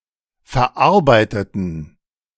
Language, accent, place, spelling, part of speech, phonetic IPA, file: German, Germany, Berlin, verarbeiteten, adjective / verb, [fɛɐ̯ˈʔaʁbaɪ̯tətn̩], De-verarbeiteten.ogg
- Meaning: inflection of verarbeiten: 1. first/third-person plural preterite 2. first/third-person plural subjunctive II